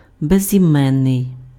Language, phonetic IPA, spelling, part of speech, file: Ukrainian, [bezʲiˈmɛnːei̯], безіменний, adjective, Uk-безіменний.ogg
- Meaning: 1. nameless 2. anonymous